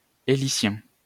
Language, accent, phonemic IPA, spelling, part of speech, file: French, France, /e.li.sjɛ̃/, hélicien, adjective, LL-Q150 (fra)-hélicien.wav
- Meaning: helical, spiral